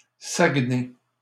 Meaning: a city and regional county municipality of Saguenay–Lac-Saint-Jean, Quebec, Canada
- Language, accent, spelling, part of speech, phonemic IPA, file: French, Canada, Saguenay, proper noun, /saɡ.ne/, LL-Q150 (fra)-Saguenay.wav